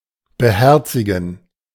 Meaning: 1. to take to heart 2. to heed
- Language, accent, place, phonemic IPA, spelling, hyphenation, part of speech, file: German, Germany, Berlin, /bəˈhɛʁt͡sɪɡn̩/, beherzigen, be‧her‧zi‧gen, verb, De-beherzigen.ogg